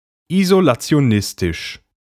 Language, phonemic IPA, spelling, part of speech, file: German, /izolat͡si̯oˈnɪstɪʃ/, isolationistisch, adjective, De-isolationistisch.ogg
- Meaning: isolationist